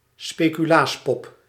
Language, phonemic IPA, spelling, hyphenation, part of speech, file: Dutch, /speː.kyˈlaːsˌpɔp/, speculaaspop, spe‧cu‧laas‧pop, noun, Nl-speculaaspop.ogg
- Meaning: a speculoos biscuit, usually quite large, in the shape of a person